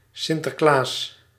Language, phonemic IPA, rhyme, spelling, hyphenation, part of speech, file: Dutch, /sɪntərˈklaːs/, -aːs, Sinterklaas, Sin‧ter‧klaas, proper noun, Nl-Sinterklaas.ogg
- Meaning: Sinterklaas (Saint Nicholas in a folkloric incarnation, who (in the Low Countries and other parts of Europe) gives presents to children on December 5 or 6)